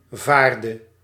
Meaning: inflection of varen: 1. singular past indicative 2. singular past subjunctive
- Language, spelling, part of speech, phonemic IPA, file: Dutch, vaarde, verb, /ˈvardə/, Nl-vaarde.ogg